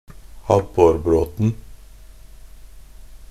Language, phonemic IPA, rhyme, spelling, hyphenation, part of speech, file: Norwegian Bokmål, /ˈabːɔrbroːtn̩/, -oːtn̩, abborbråten, ab‧bor‧bråt‧en, noun, Nb-abborbråten.ogg
- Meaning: definite singular of abborbråte